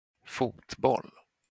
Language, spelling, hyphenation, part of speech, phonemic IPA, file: Swedish, fotboll, fot‧boll, noun, /²fuːtˌbɔl/, Sv-fotboll.flac
- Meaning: 1. soccer (US), football (UK); a team sport 2. football; the ball used in any game called football/soccer; if not clarified, usually the ball in association football